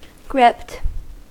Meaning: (verb) simple past and past participle of grip; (adjective) 1. excited; mesmerized 2. Having a grip, or grips 3. Afraid; too anxious to continue a climb
- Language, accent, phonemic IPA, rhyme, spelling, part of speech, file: English, US, /ɡɹɪpt/, -ɪpt, gripped, verb / adjective, En-us-gripped.ogg